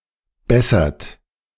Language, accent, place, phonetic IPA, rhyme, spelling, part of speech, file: German, Germany, Berlin, [ˈbɛsɐt], -ɛsɐt, bessert, verb, De-bessert.ogg
- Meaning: inflection of bessern: 1. third-person singular present 2. second-person plural present 3. plural imperative